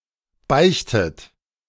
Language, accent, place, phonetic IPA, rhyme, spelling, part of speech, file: German, Germany, Berlin, [ˈbaɪ̯çtət], -aɪ̯çtət, beichtet, verb, De-beichtet.ogg
- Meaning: inflection of beichten: 1. third-person singular present 2. second-person plural present 3. plural imperative 4. second-person plural subjunctive I